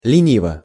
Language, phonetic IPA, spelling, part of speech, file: Russian, [lʲɪˈnʲivə], лениво, adverb / adjective, Ru-лениво.ogg
- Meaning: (adverb) lazily (in a lazy manner); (adjective) short neuter singular of лени́вый (lenívyj)